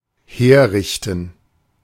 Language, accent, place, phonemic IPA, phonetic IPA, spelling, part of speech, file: German, Germany, Berlin, /ˈheːˌʁɪçtən/, [ˈheːɐ̯ˌʁɪçtn̩], herrichten, verb, De-herrichten.ogg
- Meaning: 1. to arrange 2. to prepare 3. to decorate 4. to renovate